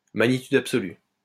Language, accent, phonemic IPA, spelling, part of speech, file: French, France, /ma.ɲi.tyd ap.sɔ.ly/, magnitude absolue, noun, LL-Q150 (fra)-magnitude absolue.wav
- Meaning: absolute magnitude